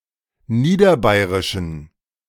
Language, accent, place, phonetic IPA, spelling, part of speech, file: German, Germany, Berlin, [ˈniːdɐˌbaɪ̯ʁɪʃn̩], niederbayrischen, adjective, De-niederbayrischen.ogg
- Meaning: inflection of niederbayrisch: 1. strong genitive masculine/neuter singular 2. weak/mixed genitive/dative all-gender singular 3. strong/weak/mixed accusative masculine singular 4. strong dative plural